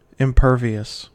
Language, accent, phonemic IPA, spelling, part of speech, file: English, US, /ɪmˈpɝ.vi.əs/, impervious, adjective, En-us-impervious.ogg
- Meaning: 1. Unaffected or unable to be affected by something 2. Preventive of any penetration; impenetrable, impermeable, particularly of water 3. Immune to damage or effect